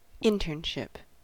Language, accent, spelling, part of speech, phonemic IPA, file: English, US, internship, noun, /ˈɪntɝnʃɪp/, En-us-internship.ogg
- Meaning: 1. A job taken by a student in order to learn a profession or trade 2. A job taken by a student in order to learn a profession or trade.: The first year of a medical residency